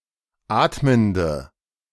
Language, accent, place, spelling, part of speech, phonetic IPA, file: German, Germany, Berlin, atmende, adjective, [ˈaːtməndə], De-atmende.ogg
- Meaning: inflection of atmend: 1. strong/mixed nominative/accusative feminine singular 2. strong nominative/accusative plural 3. weak nominative all-gender singular 4. weak accusative feminine/neuter singular